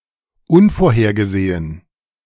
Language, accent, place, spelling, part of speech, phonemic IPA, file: German, Germany, Berlin, unvorhergesehen, adjective, /ˈʊnfoːɐ̯heːɐ̯ɡəˌzeːən/, De-unvorhergesehen.ogg
- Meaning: unforeseen, unexpected